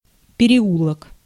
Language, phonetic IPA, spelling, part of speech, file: Russian, [pʲɪrʲɪˈuɫək], переулок, noun, Ru-переулок.ogg
- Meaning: lane, alleyway, side street, bystreet